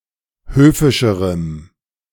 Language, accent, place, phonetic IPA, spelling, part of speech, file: German, Germany, Berlin, [ˈhøːfɪʃəʁəm], höfischerem, adjective, De-höfischerem.ogg
- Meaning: strong dative masculine/neuter singular comparative degree of höfisch